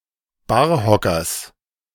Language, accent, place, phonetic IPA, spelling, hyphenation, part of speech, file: German, Germany, Berlin, [ˈbaːɐ̯ˌhɔkɐs], Barhockers, Bar‧ho‧ckers, noun, De-Barhockers.ogg
- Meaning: genitive singular of Barhocker